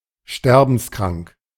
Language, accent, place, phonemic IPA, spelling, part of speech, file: German, Germany, Berlin, /ˈʃtɛʁbn̩sˈkʁaŋk/, sterbenskrank, adjective, De-sterbenskrank.ogg
- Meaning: fatally ill